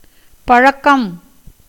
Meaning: 1. habit, practice, custom 2. training, exercise, use 3. conversation, intimacy, intercourse, acquaintance, association 4. manners, behavior 5. expertness, cleverness, dexterity
- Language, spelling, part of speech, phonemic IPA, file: Tamil, பழக்கம், noun, /pɐɻɐkːɐm/, Ta-பழக்கம்.ogg